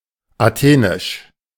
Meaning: Athenian
- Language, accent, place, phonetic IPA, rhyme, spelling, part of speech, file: German, Germany, Berlin, [aˈteːnɪʃ], -eːnɪʃ, athenisch, adjective, De-athenisch.ogg